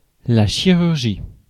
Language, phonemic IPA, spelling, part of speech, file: French, /ʃi.ʁyʁ.ʒi/, chirurgie, noun, Fr-chirurgie.ogg
- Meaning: 1. surgery, medical operation 2. surgery (the branch of medicine)